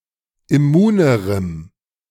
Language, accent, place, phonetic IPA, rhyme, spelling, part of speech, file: German, Germany, Berlin, [ɪˈmuːnəʁəm], -uːnəʁəm, immunerem, adjective, De-immunerem.ogg
- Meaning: strong dative masculine/neuter singular comparative degree of immun